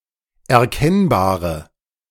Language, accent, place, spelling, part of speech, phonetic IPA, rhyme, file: German, Germany, Berlin, erkennbare, adjective, [ɛɐ̯ˈkɛnbaːʁə], -ɛnbaːʁə, De-erkennbare.ogg
- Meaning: inflection of erkennbar: 1. strong/mixed nominative/accusative feminine singular 2. strong nominative/accusative plural 3. weak nominative all-gender singular